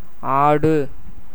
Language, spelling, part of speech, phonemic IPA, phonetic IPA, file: Tamil, ஆடு, noun / verb, /ɑːɖɯ/, [äːɖɯ], Ta-ஆடு.ogg
- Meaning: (noun) 1. goat, sheep 2. Aries, a sign of the Zodiac; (verb) 1. to move, stir, wave, swing, shake, vibrate; to shiver, tremble 2. to move to and fro 3. to dance, gesticulate, to act a part or play